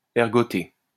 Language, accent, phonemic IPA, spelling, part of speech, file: French, France, /ɛʁ.ɡɔ.te/, ergoter, verb, LL-Q150 (fra)-ergoter.wav
- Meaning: 1. to quibble; to argue; to contest 2. to prune a tree or plant 3. to scratch with the dewclaw (spur)